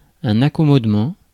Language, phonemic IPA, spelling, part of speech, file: French, /a.kɔ.mɔd.mɑ̃/, accommodement, noun, Fr-accommodement.ogg
- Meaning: settlement, arrangement